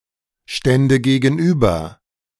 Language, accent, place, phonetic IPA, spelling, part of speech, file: German, Germany, Berlin, [ˌʃtɛndə ɡeːɡn̩ˈʔyːbɐ], stände gegenüber, verb, De-stände gegenüber.ogg
- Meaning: first/third-person singular subjunctive II of gegenüberstehen